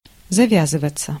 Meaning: 1. to be/get tied up (tied into a knot) 2. to set in, to begin, to start 3. to set 4. passive of завя́зывать (zavjázyvatʹ)
- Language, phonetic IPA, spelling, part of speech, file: Russian, [zɐˈvʲazɨvət͡sə], завязываться, verb, Ru-завязываться.ogg